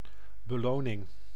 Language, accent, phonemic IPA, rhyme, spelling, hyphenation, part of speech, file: Dutch, Netherlands, /bəˈloː.nɪŋ/, -oːnɪŋ, beloning, be‧lo‧ning, noun, Nl-beloning.ogg
- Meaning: reward